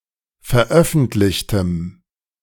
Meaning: strong dative masculine/neuter singular of veröffentlicht
- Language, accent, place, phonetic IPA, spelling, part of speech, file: German, Germany, Berlin, [fɛɐ̯ˈʔœfn̩tlɪçtəm], veröffentlichtem, adjective, De-veröffentlichtem.ogg